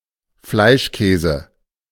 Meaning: meatloaf
- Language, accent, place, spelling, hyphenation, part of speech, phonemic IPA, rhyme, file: German, Germany, Berlin, Fleischkäse, Fleisch‧kä‧se, noun, /ˈflaɪ̯ʃˌkɛːzə/, -ɛːzə, De-Fleischkäse.ogg